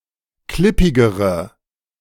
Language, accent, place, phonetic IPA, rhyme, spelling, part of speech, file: German, Germany, Berlin, [ˈklɪpɪɡəʁə], -ɪpɪɡəʁə, klippigere, adjective, De-klippigere.ogg
- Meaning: inflection of klippig: 1. strong/mixed nominative/accusative feminine singular comparative degree 2. strong nominative/accusative plural comparative degree